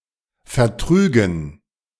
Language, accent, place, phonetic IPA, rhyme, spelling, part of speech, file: German, Germany, Berlin, [fɛɐ̯ˈtʁyːɡn̩], -yːɡn̩, vertrügen, verb, De-vertrügen.ogg
- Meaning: first/third-person plural subjunctive II of vertragen